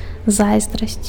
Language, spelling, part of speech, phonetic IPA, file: Belarusian, зайздрасць, noun, [ˈzajzdrasʲt͡sʲ], Be-зайздрасць.ogg
- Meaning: envy